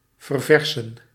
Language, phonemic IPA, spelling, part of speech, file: Dutch, /vərˈvɛr.sə(n)/, verversen, verb, Nl-verversen.ogg
- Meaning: to replace, to renew, to change